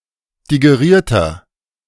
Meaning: inflection of digeriert: 1. strong/mixed nominative masculine singular 2. strong genitive/dative feminine singular 3. strong genitive plural
- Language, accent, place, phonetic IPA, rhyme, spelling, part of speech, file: German, Germany, Berlin, [diɡeˈʁiːɐ̯tɐ], -iːɐ̯tɐ, digerierter, adjective, De-digerierter.ogg